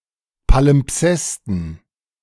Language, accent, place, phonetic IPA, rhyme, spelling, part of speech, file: German, Germany, Berlin, [palɪmˈpsɛstn̩], -ɛstn̩, Palimpsesten, noun, De-Palimpsesten.ogg
- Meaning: dative plural of Palimpsest